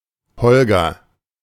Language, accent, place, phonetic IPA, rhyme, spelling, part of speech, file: German, Germany, Berlin, [ˈhɔlɡɐ], -ɔlɡɐ, Holger, proper noun, De-Holger.ogg
- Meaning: a male given name